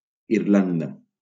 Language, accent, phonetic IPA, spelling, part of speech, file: Catalan, Valencia, [iɾˈlan.da], Irlanda, proper noun, LL-Q7026 (cat)-Irlanda.wav
- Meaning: Ireland (a country in northwestern Europe)